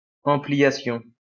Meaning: ampliation
- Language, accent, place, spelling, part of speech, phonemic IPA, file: French, France, Lyon, ampliation, noun, /ɑ̃.pli.ja.sjɔ̃/, LL-Q150 (fra)-ampliation.wav